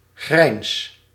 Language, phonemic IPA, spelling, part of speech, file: Dutch, /ɣrɛins/, grijns, noun / verb, Nl-grijns.ogg
- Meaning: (noun) grin; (verb) inflection of grijnzen: 1. first-person singular present indicative 2. second-person singular present indicative 3. imperative